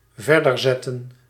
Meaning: to continue, to resume
- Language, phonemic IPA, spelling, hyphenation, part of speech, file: Dutch, /ˈvɛr.dərˌzɛ.tə(n)/, verderzetten, ver‧der‧zet‧ten, verb, Nl-verderzetten.ogg